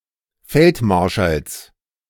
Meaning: genitive of Feldmarschall
- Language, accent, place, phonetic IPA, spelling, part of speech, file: German, Germany, Berlin, [ˈfɛltˌmaʁʃals], Feldmarschalls, noun, De-Feldmarschalls.ogg